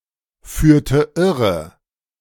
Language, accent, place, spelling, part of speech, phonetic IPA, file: German, Germany, Berlin, führte irre, verb, [ˌfyːɐ̯tə ˈɪʁə], De-führte irre.ogg
- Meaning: inflection of irreführen: 1. first/third-person singular preterite 2. first/third-person singular subjunctive II